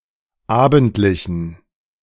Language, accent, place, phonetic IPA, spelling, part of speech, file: German, Germany, Berlin, [ˈaːbn̩tlɪçn̩], abendlichen, adjective, De-abendlichen.ogg
- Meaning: inflection of abendlich: 1. strong genitive masculine/neuter singular 2. weak/mixed genitive/dative all-gender singular 3. strong/weak/mixed accusative masculine singular 4. strong dative plural